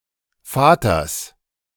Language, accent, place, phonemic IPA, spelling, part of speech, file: German, Germany, Berlin, /ˈfaːtɐs/, Vaters, noun, De-Vaters.ogg
- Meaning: genitive singular of Vater